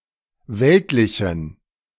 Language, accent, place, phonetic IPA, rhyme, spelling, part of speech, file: German, Germany, Berlin, [ˈvɛltlɪçn̩], -ɛltlɪçn̩, weltlichen, adjective, De-weltlichen.ogg
- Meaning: inflection of weltlich: 1. strong genitive masculine/neuter singular 2. weak/mixed genitive/dative all-gender singular 3. strong/weak/mixed accusative masculine singular 4. strong dative plural